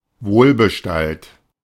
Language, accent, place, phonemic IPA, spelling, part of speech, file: German, Germany, Berlin, /ˈvoːlbəˌʃtalt/, wohlbestallt, adjective, De-wohlbestallt.ogg
- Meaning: in a secure professional position